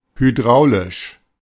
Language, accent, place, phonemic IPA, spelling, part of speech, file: German, Germany, Berlin, /hyˈdʁaʊ̯lɪʃ/, hydraulisch, adjective, De-hydraulisch.ogg
- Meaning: hydraulic